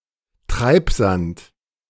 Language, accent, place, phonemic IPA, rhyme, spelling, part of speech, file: German, Germany, Berlin, /ˈtʁaɪ̯pˌzant/, -ant, Treibsand, noun, De-Treibsand.ogg
- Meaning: 1. quicksand 2. silt